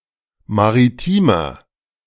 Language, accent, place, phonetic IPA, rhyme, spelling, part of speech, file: German, Germany, Berlin, [maʁiˈtiːmɐ], -iːmɐ, maritimer, adjective, De-maritimer.ogg
- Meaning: inflection of maritim: 1. strong/mixed nominative masculine singular 2. strong genitive/dative feminine singular 3. strong genitive plural